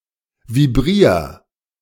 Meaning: 1. singular imperative of vibrieren 2. first-person singular present of vibrieren
- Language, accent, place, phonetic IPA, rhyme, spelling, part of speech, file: German, Germany, Berlin, [viˈbʁiːɐ̯], -iːɐ̯, vibrier, verb, De-vibrier.ogg